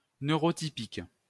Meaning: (adjective) neurotypical
- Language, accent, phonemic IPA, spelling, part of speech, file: French, France, /nø.ʁo.ti.pik/, neurotypique, adjective / noun, LL-Q150 (fra)-neurotypique.wav